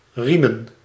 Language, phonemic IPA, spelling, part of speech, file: Dutch, /ˈri.mə(n)/, riemen, noun, Nl-riemen.ogg
- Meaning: plural of riem